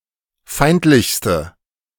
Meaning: inflection of feindlich: 1. strong/mixed nominative/accusative feminine singular superlative degree 2. strong nominative/accusative plural superlative degree
- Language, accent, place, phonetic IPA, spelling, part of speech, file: German, Germany, Berlin, [ˈfaɪ̯ntlɪçstə], feindlichste, adjective, De-feindlichste.ogg